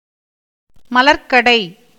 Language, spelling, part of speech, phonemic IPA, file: Tamil, மலர்க்கடை, noun, /mɐlɐɾkːɐɖɐɪ̯/, Ta-மலர்க்கடை.ogg
- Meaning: flower shop